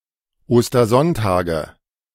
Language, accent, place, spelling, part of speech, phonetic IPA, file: German, Germany, Berlin, Ostersonntage, noun, [ˌoːstɐˈzɔntaːɡə], De-Ostersonntage.ogg
- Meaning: nominative/accusative/genitive plural of Ostersonntag